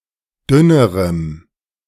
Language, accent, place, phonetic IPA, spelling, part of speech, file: German, Germany, Berlin, [ˈdʏnəʁəm], dünnerem, adjective, De-dünnerem.ogg
- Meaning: strong dative masculine/neuter singular comparative degree of dünn